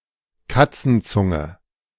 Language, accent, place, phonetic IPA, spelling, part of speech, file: German, Germany, Berlin, [ˈkat͡sn̩ˌt͡sʊŋə], Katzenzunge, noun, De-Katzenzunge.ogg
- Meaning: 1. a cat's tongue, the tongue of a cat 2. a cat's tongue, a small chocolate bar or chocolate-covered cookie/biscuit which is shaped somewhat like the tongue of a cat